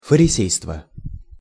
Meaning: hypocrisy
- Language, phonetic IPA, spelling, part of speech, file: Russian, [fərʲɪˈsʲejstvə], фарисейство, noun, Ru-фарисейство.ogg